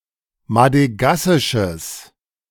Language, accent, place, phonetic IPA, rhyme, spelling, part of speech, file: German, Germany, Berlin, [madəˈɡasɪʃəs], -asɪʃəs, madegassisches, adjective, De-madegassisches.ogg
- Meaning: strong/mixed nominative/accusative neuter singular of madegassisch